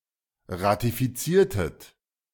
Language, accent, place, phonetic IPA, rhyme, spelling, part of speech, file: German, Germany, Berlin, [ʁatifiˈt͡siːɐ̯tət], -iːɐ̯tət, ratifiziertet, verb, De-ratifiziertet.ogg
- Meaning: inflection of ratifizieren: 1. second-person plural preterite 2. second-person plural subjunctive II